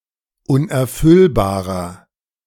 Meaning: inflection of unerfüllbar: 1. strong/mixed nominative masculine singular 2. strong genitive/dative feminine singular 3. strong genitive plural
- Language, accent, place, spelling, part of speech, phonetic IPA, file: German, Germany, Berlin, unerfüllbarer, adjective, [ˌʊnʔɛɐ̯ˈfʏlbaːʁɐ], De-unerfüllbarer.ogg